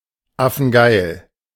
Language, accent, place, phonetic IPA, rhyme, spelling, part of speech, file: German, Germany, Berlin, [ˈafn̩ˈɡaɪ̯l], -aɪ̯l, affengeil, adjective, De-affengeil.ogg
- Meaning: awesome, wicked (extremely good)